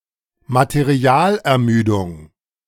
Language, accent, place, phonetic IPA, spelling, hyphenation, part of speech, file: German, Germany, Berlin, [mateˈʁi̯aːlʔɛɐ̯ˌmyːdʊŋ], Materialermüdung, Ma‧te‧ri‧al‧er‧mü‧dung, noun, De-Materialermüdung.ogg
- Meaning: material fatigue